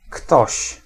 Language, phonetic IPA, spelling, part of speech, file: Polish, [ktɔɕ], ktoś, pronoun / noun, Pl-ktoś.ogg